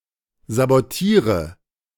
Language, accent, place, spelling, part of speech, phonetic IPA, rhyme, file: German, Germany, Berlin, sabotiere, verb, [zaboˈtiːʁə], -iːʁə, De-sabotiere.ogg
- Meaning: inflection of sabotieren: 1. first-person singular present 2. singular imperative 3. first/third-person singular subjunctive I